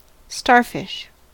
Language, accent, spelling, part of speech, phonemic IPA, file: English, US, starfish, noun / verb, /ˈstɑː(ɹ)fɪʃ/, En-us-starfish.ogg
- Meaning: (noun) Any of various echinoderms (not in fact fish) with usually five arms, many of which eat bivalves or corals by everting their stomach